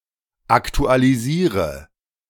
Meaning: inflection of aktualisieren: 1. first-person singular present 2. singular imperative 3. first/third-person singular subjunctive I
- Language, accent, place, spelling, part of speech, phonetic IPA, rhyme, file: German, Germany, Berlin, aktualisiere, verb, [ˌaktualiˈziːʁə], -iːʁə, De-aktualisiere.ogg